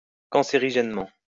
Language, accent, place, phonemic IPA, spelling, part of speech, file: French, France, Lyon, /kɑ̃.se.ʁi.ʒɛn.mɑ̃/, cancérigènement, adverb, LL-Q150 (fra)-cancérigènement.wav
- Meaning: carcinogenically